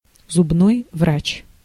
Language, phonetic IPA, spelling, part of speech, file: Russian, [zʊbˈnoj ˈvrat͡ɕ], зубной врач, noun, Ru-зубной врач.ogg
- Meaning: dental therapist